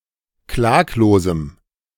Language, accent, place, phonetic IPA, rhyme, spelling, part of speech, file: German, Germany, Berlin, [ˈklaːkloːzm̩], -aːkloːzm̩, klaglosem, adjective, De-klaglosem.ogg
- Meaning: strong dative masculine/neuter singular of klaglos